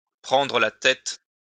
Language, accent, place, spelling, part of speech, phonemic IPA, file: French, France, Lyon, prendre la tête, verb, /pʁɑ̃.dʁə la tɛt/, LL-Q150 (fra)-prendre la tête.wav
- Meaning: 1. to take the lead, to lead 2. to take the lead, to assume leadership, to become head 3. to pester 4. to get worked up (over), to let (something) get to one, to tie oneself in knots (with)